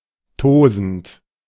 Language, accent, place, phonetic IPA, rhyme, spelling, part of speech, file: German, Germany, Berlin, [ˈtoːzn̩t], -oːzn̩t, tosend, verb, De-tosend.ogg
- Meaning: present participle of tosen